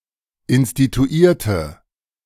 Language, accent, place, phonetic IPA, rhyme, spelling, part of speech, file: German, Germany, Berlin, [ɪnstituˈiːɐ̯tə], -iːɐ̯tə, instituierte, adjective / verb, De-instituierte.ogg
- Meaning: inflection of instituieren: 1. first/third-person singular preterite 2. first/third-person singular subjunctive II